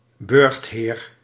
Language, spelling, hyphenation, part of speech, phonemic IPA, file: Dutch, burchtheer, burcht‧heer, noun, /ˈbʏrxt.ɦeːr/, Nl-burchtheer.ogg
- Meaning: a castellan, a chatelain